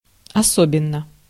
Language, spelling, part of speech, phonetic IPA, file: Russian, особенно, adverb / adjective, [ɐˈsobʲɪn(ː)ə], Ru-особенно.ogg
- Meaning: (adverb) especially; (adjective) short neuter singular of осо́бенный (osóbennyj)